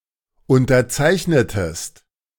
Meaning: inflection of unterzeichnen: 1. second-person singular preterite 2. second-person singular subjunctive II
- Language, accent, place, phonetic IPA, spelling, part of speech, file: German, Germany, Berlin, [ʊntɐˈt͡saɪ̯çnətəst], unterzeichnetest, verb, De-unterzeichnetest.ogg